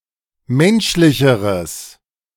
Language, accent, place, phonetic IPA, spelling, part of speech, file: German, Germany, Berlin, [ˈmɛnʃlɪçəʁəs], menschlicheres, adjective, De-menschlicheres.ogg
- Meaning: strong/mixed nominative/accusative neuter singular comparative degree of menschlich